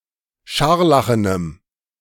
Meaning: strong dative masculine/neuter singular of scharlachen
- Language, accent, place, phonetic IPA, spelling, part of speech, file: German, Germany, Berlin, [ˈʃaʁlaxənəm], scharlachenem, adjective, De-scharlachenem.ogg